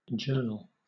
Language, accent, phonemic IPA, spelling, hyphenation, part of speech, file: English, Southern England, /ˈd͡ʒɜːnəl/, journal, jour‧nal, noun / verb / adjective, LL-Q1860 (eng)-journal.wav
- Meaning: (noun) 1. A diary or daily record of a person, organization, vessel etc.; daybook 2. A newspaper or magazine dealing with a particular subject 3. A chronological record of payments or receipts